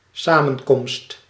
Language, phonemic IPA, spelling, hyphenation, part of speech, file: Dutch, /ˈsaː.mə(n)ˌkɔmst/, samenkomst, sa‧men‧komst, noun, Nl-samenkomst.ogg
- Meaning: 1. meeting, gathering, meetup 2. junction, intersection (place where two or more things come together, esp. lines and (water)ways)